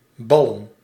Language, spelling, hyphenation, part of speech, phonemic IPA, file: Dutch, ballen, bal‧len, verb / noun, /ˈbɑlə(n)/, Nl-ballen.ogg
- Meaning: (verb) 1. to play with a ball 2. to form into a ball or similar shape; to clasp, clench (into a fist) 3. to fuck; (noun) 1. plural of bal 2. as plurale tantum: gutts, courage, audacity